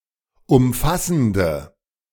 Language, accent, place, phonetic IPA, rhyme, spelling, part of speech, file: German, Germany, Berlin, [ʊmˈfasn̩də], -asn̩də, umfassende, adjective, De-umfassende.ogg
- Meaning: inflection of umfassend: 1. strong/mixed nominative/accusative feminine singular 2. strong nominative/accusative plural 3. weak nominative all-gender singular